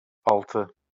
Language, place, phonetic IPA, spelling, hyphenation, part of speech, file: Azerbaijani, Baku, [ɑɫˈtɯ], altı, al‧tı, numeral, LL-Q9292 (aze)-altı.wav
- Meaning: six